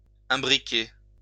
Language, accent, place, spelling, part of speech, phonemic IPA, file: French, France, Lyon, imbriquer, verb, /ɛ̃.bʁi.ke/, LL-Q150 (fra)-imbriquer.wav
- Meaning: 1. to imbricate 2. to nest one within another 3. to be interlinked, to be closely linked